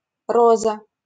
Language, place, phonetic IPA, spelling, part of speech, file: Russian, Saint Petersburg, [ˈrozə], Роза, proper noun, LL-Q7737 (rus)-Роза.wav
- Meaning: a female given name, Roza, equivalent to English Rose